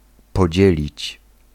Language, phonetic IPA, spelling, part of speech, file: Polish, [pɔˈd͡ʑɛlʲit͡ɕ], podzielić, verb, Pl-podzielić.ogg